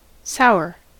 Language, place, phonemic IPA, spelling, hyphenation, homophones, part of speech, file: English, California, /ˈsaʊ.ɚ/, sour, sou‧r, Saar / tsar / sigher / sire, adjective / noun / verb, En-us-sour.ogg
- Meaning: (adjective) 1. Tasting of acidity 2. Made rancid by fermentation, etc 3. Tasting or smelling rancid 4. Hostile or unfriendly 5. Excessively acidic and thus infertile. (of soil)